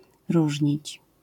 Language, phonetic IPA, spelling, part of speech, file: Polish, [ˈruʒʲɲit͡ɕ], różnić, verb, LL-Q809 (pol)-różnić.wav